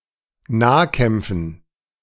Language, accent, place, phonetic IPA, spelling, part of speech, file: German, Germany, Berlin, [ˈnaːˌkɛmp͡fn̩], Nahkämpfen, noun, De-Nahkämpfen.ogg
- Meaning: dative plural of Nahkampf